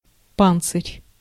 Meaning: 1. coat of mail, hauberk 2. cuirass, armor (any type of armor protecting the torso) 3. shell (of an arthropod or turtle) 4. Pantsir missile system
- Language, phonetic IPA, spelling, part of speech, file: Russian, [ˈpant͡sɨrʲ], панцирь, noun, Ru-панцирь.ogg